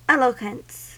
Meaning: 1. The quality of artistry and persuasiveness in speech or writing 2. An eloquent utterance
- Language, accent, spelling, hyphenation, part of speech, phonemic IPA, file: English, US, eloquence, el‧o‧quence, noun, /ˈɛl.ə.kwəns/, En-us-eloquence.ogg